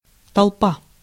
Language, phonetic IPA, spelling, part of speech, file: Russian, [tɐɫˈpa], толпа, noun, Ru-толпа.ogg
- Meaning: crowd, throng